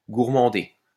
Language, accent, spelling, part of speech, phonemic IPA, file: French, France, gourmander, verb, /ɡuʁ.mɑ̃.de/, LL-Q150 (fra)-gourmander.wav
- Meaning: 1. to scold 2. to lard (food)